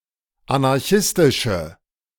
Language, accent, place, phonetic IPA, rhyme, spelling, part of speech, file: German, Germany, Berlin, [anaʁˈçɪstɪʃə], -ɪstɪʃə, anarchistische, adjective, De-anarchistische.ogg
- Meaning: inflection of anarchistisch: 1. strong/mixed nominative/accusative feminine singular 2. strong nominative/accusative plural 3. weak nominative all-gender singular